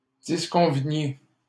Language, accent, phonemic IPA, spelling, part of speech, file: French, Canada, /dis.kɔ̃.və.nje/, disconveniez, verb, LL-Q150 (fra)-disconveniez.wav
- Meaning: inflection of disconvenir: 1. second-person plural imperfect indicative 2. second-person plural present subjunctive